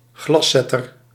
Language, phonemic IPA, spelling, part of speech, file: Dutch, /ˈɡlɑsɛtər/, glaszetter, noun, Nl-glaszetter.ogg
- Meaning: a glazier